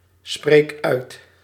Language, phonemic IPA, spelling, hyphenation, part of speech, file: Dutch, /ˌspreːk ˈœy̯t/, spreek uit, spreek uit, verb, Nl-spreek uit.ogg
- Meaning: inflection of uitspreken: 1. first-person singular present indicative 2. second-person singular present indicative 3. imperative